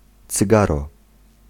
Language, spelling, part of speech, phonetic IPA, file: Polish, cygaro, noun, [t͡sɨˈɡarɔ], Pl-cygaro.ogg